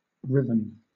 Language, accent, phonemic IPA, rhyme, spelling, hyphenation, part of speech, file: English, Southern England, /ˈɹɪvən/, -ɪvən, riven, ri‧ven, verb / adjective, LL-Q1860 (eng)-riven.wav
- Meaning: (verb) past participle of rive; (adjective) 1. Torn apart 2. Broken into pieces; split asunder